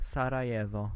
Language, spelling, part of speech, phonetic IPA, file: Polish, Sarajewo, proper noun, [ˌsaraˈjɛvɔ], Pl-Sarajewo.ogg